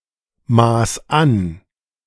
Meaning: 1. singular imperative of anmaßen 2. first-person singular present of anmaßen
- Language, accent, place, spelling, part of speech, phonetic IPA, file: German, Germany, Berlin, maß an, verb, [ˌmaːs ˈan], De-maß an.ogg